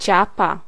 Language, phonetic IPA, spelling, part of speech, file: Polish, [ˈt͡ɕapa], ciapa, noun, Pl-ciapa.ogg